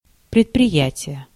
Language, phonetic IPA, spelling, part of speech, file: Russian, [prʲɪtprʲɪˈjætʲɪje], предприятие, noun, Ru-предприятие.ogg
- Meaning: enterprise, business, undertaking